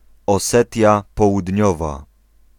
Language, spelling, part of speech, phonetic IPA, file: Polish, Osetia Południowa, proper noun, [ɔˈsɛtʲja ˌpɔwudʲˈɲɔva], Pl-Osetia Południowa.ogg